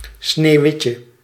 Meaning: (proper noun) Snow White; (noun) a shandy; a cocktail made with beer and lemonade (often 7 Up)
- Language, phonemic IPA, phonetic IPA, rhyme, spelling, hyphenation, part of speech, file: Dutch, /ˌsneːu̯ˈʋɪt.jə/, [ˌsneːu̯ˈʋɪ.cə], -ɪtjə, Sneeuwwitje, Sneeuw‧wit‧je, proper noun / noun, Nl-Sneeuwwitje.ogg